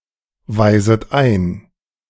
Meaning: second-person plural subjunctive I of einweisen
- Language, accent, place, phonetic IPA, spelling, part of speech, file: German, Germany, Berlin, [ˌvaɪ̯zət ˈaɪ̯n], weiset ein, verb, De-weiset ein.ogg